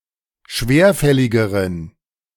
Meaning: inflection of schwerfällig: 1. strong genitive masculine/neuter singular comparative degree 2. weak/mixed genitive/dative all-gender singular comparative degree
- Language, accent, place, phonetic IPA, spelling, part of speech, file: German, Germany, Berlin, [ˈʃveːɐ̯ˌfɛlɪɡəʁən], schwerfälligeren, adjective, De-schwerfälligeren.ogg